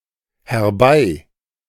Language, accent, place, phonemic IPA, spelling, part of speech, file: German, Germany, Berlin, /hɛʁˈbaɪ/, herbei, adverb, De-herbei.ogg
- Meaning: hither, here, to here, to this place